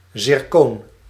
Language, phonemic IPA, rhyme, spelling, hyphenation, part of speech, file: Dutch, /zɪrˈkoːn/, -oːn, zirkoon, zir‧koon, noun, Nl-zirkoon.ogg
- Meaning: 1. zircon 2. zirconium 3. a zircon crystal